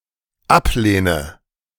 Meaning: inflection of ablehnen: 1. first-person singular dependent present 2. first/third-person singular dependent subjunctive I
- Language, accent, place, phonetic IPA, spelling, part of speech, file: German, Germany, Berlin, [ˈapˌleːnə], ablehne, verb, De-ablehne.ogg